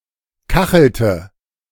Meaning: inflection of kacheln: 1. first/third-person singular preterite 2. first/third-person singular subjunctive II
- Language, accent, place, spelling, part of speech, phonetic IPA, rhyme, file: German, Germany, Berlin, kachelte, verb, [ˈkaxl̩tə], -axl̩tə, De-kachelte.ogg